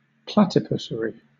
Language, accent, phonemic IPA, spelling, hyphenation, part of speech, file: English, Southern England, /ˈplætɪpʊsəɹi/, platypusary, pla‧ty‧pus‧ary, noun, LL-Q1860 (eng)-platypusary.wav
- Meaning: A place where platypuses are nurtured